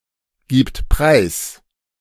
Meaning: third-person singular present of preisgeben
- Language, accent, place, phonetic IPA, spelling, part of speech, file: German, Germany, Berlin, [ˌɡiːpt ˈpʁaɪ̯s], gibt preis, verb, De-gibt preis.ogg